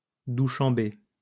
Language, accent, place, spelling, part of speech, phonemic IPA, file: French, France, Lyon, Douchanbé, proper noun, /du.ʃan.be/, LL-Q150 (fra)-Douchanbé.wav
- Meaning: Dushanbe (the capital city of Tajikistan)